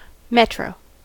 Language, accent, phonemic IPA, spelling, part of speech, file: English, US, /ˈmɛtɹoʊ/, metro, noun / adjective, En-us-metro.ogg
- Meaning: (noun) A rapid transit rail transport system, or a train in such systems, generally underground and serving a metropolitan area